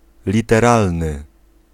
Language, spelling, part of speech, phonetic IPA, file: Polish, literalny, adjective, [ˌlʲitɛˈralnɨ], Pl-literalny.ogg